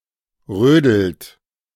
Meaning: inflection of rödeln: 1. third-person singular present 2. second-person plural present 3. plural imperative
- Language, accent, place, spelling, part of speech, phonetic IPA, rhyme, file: German, Germany, Berlin, rödelt, verb, [ˈʁøːdl̩t], -øːdl̩t, De-rödelt.ogg